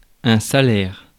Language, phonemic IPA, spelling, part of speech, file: French, /sa.lɛʁ/, salaire, noun, Fr-salaire.ogg
- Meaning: salary, wage